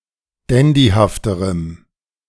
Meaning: strong dative masculine/neuter singular comparative degree of dandyhaft
- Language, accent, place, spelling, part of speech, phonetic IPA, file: German, Germany, Berlin, dandyhafterem, adjective, [ˈdɛndihaftəʁəm], De-dandyhafterem.ogg